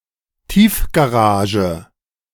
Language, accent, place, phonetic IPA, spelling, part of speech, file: German, Germany, Berlin, [ˈtiːfɡaˌʁaːʒə], Tiefgarage, noun, De-Tiefgarage.ogg
- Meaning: underground parking